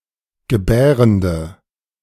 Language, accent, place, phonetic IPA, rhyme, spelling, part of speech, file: German, Germany, Berlin, [ɡəˈbɛːʁəndə], -ɛːʁəndə, gebärende, adjective, De-gebärende.ogg
- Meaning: inflection of gebärend: 1. strong/mixed nominative/accusative feminine singular 2. strong nominative/accusative plural 3. weak nominative all-gender singular